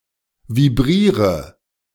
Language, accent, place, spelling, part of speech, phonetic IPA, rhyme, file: German, Germany, Berlin, vibriere, verb, [viˈbʁiːʁə], -iːʁə, De-vibriere.ogg
- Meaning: inflection of vibrieren: 1. first-person singular present 2. first/third-person singular subjunctive I 3. singular imperative